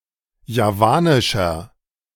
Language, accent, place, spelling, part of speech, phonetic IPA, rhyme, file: German, Germany, Berlin, javanischer, adjective, [jaˈvaːnɪʃɐ], -aːnɪʃɐ, De-javanischer.ogg
- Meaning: inflection of javanisch: 1. strong/mixed nominative masculine singular 2. strong genitive/dative feminine singular 3. strong genitive plural